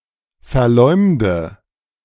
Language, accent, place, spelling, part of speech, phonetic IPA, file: German, Germany, Berlin, verleumde, verb, [fɛɐ̯ˈlɔɪ̯mdə], De-verleumde.ogg
- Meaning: inflection of verleumden: 1. first-person singular present 2. first/third-person singular subjunctive I 3. singular imperative